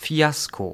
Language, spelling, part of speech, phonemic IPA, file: German, Fiasko, noun, /ˈfi̯asko/, De-Fiasko.ogg
- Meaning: fiasco